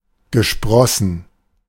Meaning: past participle of sprießen
- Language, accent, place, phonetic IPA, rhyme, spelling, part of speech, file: German, Germany, Berlin, [ɡəˈʃpʁɔsn̩], -ɔsn̩, gesprossen, verb, De-gesprossen.ogg